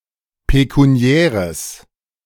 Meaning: strong/mixed nominative/accusative neuter singular of pekuniär
- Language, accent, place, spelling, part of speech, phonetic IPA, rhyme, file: German, Germany, Berlin, pekuniäres, adjective, [pekuˈni̯ɛːʁəs], -ɛːʁəs, De-pekuniäres.ogg